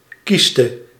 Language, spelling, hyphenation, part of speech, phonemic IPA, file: Dutch, cyste, cys‧te, noun, /ˈkɪ.stə/, Nl-cyste.ogg
- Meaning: cyst (sac which develops in the natural cavities of an organ)